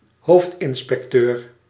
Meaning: chief inspector
- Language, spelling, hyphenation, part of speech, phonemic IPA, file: Dutch, hoofdinspecteur, hoofd‧in‧spec‧teur, noun, /ˈɦoːft.ɪn.spɛkˌtøːr/, Nl-hoofdinspecteur.ogg